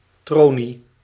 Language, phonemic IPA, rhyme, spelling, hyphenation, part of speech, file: Dutch, /ˈtroː.ni/, -oːni, tronie, tro‧nie, noun, Nl-tronie.ogg
- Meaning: 1. a face, especially one with an unpleasant or unprepossessing look or expression; a mug 2. a depiction of a person’s face with an expressive, often unflattering expression; a tronie